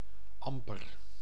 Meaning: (adverb) scarcely, barely; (adjective) sour
- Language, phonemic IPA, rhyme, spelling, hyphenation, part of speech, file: Dutch, /ˈɑmpər/, -ɑmpər, amper, am‧per, adverb / adjective, Nl-amper.ogg